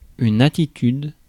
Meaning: attitude, position
- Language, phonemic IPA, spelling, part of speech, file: French, /a.ti.tyd/, attitude, noun, Fr-attitude.ogg